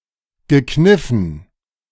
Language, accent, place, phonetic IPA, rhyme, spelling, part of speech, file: German, Germany, Berlin, [ɡəˈknɪfn̩], -ɪfn̩, gekniffen, adjective / verb, De-gekniffen.ogg
- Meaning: past participle of kneifen